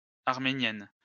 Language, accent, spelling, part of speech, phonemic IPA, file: French, France, arméniennes, adjective, /aʁ.me.njɛn/, LL-Q150 (fra)-arméniennes.wav
- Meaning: feminine plural of arménien